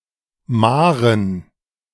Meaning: dative plural of Mahr
- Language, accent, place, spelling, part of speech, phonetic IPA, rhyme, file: German, Germany, Berlin, Mahren, noun, [ˈmaːʁən], -aːʁən, De-Mahren.ogg